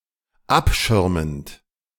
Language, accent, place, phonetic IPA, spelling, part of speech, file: German, Germany, Berlin, [ˈapˌʃɪʁmənt], abschirmend, verb, De-abschirmend.ogg
- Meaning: present participle of abschirmen